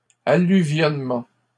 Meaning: 1. deposition of alluvium; alluviation 2. alluvial deposit
- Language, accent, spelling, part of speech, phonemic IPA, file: French, Canada, alluvionnement, noun, /a.ly.vjɔn.mɑ̃/, LL-Q150 (fra)-alluvionnement.wav